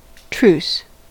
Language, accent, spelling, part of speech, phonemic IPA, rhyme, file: English, US, truce, noun / verb, /tɹus/, -uːs, En-us-truce.ogg
- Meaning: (noun) A period of time in which no fighting takes place due to an agreement between the opposed parties